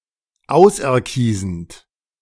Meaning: present participle of auserkiesen
- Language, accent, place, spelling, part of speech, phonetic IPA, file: German, Germany, Berlin, auserkiesend, verb, [ˈaʊ̯sʔɛɐ̯ˌkiːzn̩t], De-auserkiesend.ogg